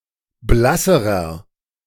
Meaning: inflection of blass: 1. strong/mixed nominative masculine singular comparative degree 2. strong genitive/dative feminine singular comparative degree 3. strong genitive plural comparative degree
- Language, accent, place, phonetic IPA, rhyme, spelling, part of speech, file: German, Germany, Berlin, [ˈblasəʁɐ], -asəʁɐ, blasserer, adjective, De-blasserer.ogg